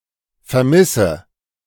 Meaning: inflection of vermissen: 1. first-person singular present 2. first/third-person singular subjunctive I 3. singular imperative
- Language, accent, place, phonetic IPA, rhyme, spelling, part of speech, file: German, Germany, Berlin, [fɛɐ̯ˈmɪsə], -ɪsə, vermisse, verb, De-vermisse.ogg